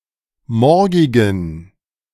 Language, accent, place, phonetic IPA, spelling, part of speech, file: German, Germany, Berlin, [ˈmɔʁɡɪɡn̩], morgigen, adjective, De-morgigen.ogg
- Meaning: inflection of morgig: 1. strong genitive masculine/neuter singular 2. weak/mixed genitive/dative all-gender singular 3. strong/weak/mixed accusative masculine singular 4. strong dative plural